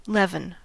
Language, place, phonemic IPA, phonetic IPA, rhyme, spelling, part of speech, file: English, California, /ˈlɛv.ən/, [ˈlɛvn̩], -ɛvən, leaven, noun / verb, En-us-leaven.ogg
- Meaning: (noun) 1. Any agent used to make dough rise or to have a similar effect on baked goods 2. Anything that induces change, especially a corrupting or vitiating change 3. Chametz